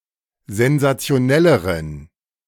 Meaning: inflection of sensationell: 1. strong genitive masculine/neuter singular comparative degree 2. weak/mixed genitive/dative all-gender singular comparative degree
- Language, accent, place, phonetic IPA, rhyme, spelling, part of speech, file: German, Germany, Berlin, [zɛnzat͡si̯oˈnɛləʁən], -ɛləʁən, sensationelleren, adjective, De-sensationelleren.ogg